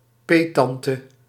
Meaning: godmother
- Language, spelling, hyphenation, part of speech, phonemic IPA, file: Dutch, peettante, peet‧tan‧te, noun, /ˈpeːˌtɑn.tə/, Nl-peettante.ogg